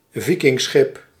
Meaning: Viking ship
- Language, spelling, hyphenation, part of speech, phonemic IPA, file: Dutch, Vikingschip, Vi‧king‧schip, noun, /ˈvi.kɪŋˌsxɪp/, Nl-Vikingschip.ogg